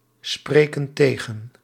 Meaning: inflection of tegenspreken: 1. plural present indicative 2. plural present subjunctive
- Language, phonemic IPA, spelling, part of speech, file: Dutch, /ˈsprekə(n) ˈteɣə(n)/, spreken tegen, verb, Nl-spreken tegen.ogg